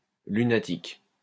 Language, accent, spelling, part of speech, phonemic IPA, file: French, France, lunatique, adjective / noun, /ly.na.tik/, LL-Q150 (fra)-lunatique.wav
- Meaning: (adjective) moody; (noun) lunatic